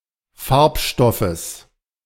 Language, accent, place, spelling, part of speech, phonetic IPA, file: German, Germany, Berlin, Farbstoffes, noun, [ˈfaʁpˌʃtɔfəs], De-Farbstoffes.ogg
- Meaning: genitive singular of Farbstoff